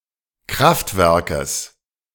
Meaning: genitive singular of Kraftwerk
- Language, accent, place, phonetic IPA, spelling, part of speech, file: German, Germany, Berlin, [ˈkʁaftˌvɛʁkəs], Kraftwerkes, noun, De-Kraftwerkes.ogg